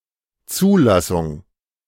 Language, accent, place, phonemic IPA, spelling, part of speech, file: German, Germany, Berlin, /ˈtsuː.la.sʊŋ/, Zulassung, noun, De-Zulassung.ogg
- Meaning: 1. admission 2. approval, authorization, permission 3. registration, certification